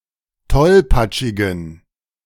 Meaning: inflection of tollpatschig: 1. strong genitive masculine/neuter singular 2. weak/mixed genitive/dative all-gender singular 3. strong/weak/mixed accusative masculine singular 4. strong dative plural
- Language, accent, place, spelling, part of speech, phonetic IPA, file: German, Germany, Berlin, tollpatschigen, adjective, [ˈtɔlpat͡ʃɪɡn̩], De-tollpatschigen.ogg